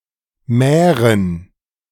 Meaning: plural of Mär
- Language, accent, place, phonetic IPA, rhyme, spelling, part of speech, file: German, Germany, Berlin, [ˈmɛːʁən], -ɛːʁən, Mären, noun, De-Mären.ogg